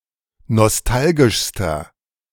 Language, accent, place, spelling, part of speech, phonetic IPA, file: German, Germany, Berlin, nostalgischster, adjective, [nɔsˈtalɡɪʃstɐ], De-nostalgischster.ogg
- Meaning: inflection of nostalgisch: 1. strong/mixed nominative masculine singular superlative degree 2. strong genitive/dative feminine singular superlative degree 3. strong genitive plural superlative degree